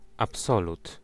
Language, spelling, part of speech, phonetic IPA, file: Polish, absolut, noun, [apˈsɔlut], Pl-absolut.ogg